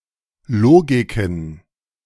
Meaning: plural of Logik
- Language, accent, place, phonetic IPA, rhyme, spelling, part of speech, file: German, Germany, Berlin, [ˈloːɡɪkn̩], -oːɡɪkn̩, Logiken, noun, De-Logiken.ogg